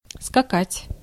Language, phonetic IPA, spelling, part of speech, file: Russian, [skɐˈkatʲ], скакать, verb, Ru-скакать.ogg
- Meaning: 1. to ride (on) a horse 2. to hop, to jump (about)